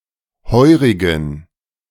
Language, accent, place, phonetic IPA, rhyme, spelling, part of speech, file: German, Germany, Berlin, [ˈhɔɪ̯ʁɪɡn̩], -ɔɪ̯ʁɪɡn̩, heurigen, adjective, De-heurigen.ogg
- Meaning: inflection of heurig: 1. strong genitive masculine/neuter singular 2. weak/mixed genitive/dative all-gender singular 3. strong/weak/mixed accusative masculine singular 4. strong dative plural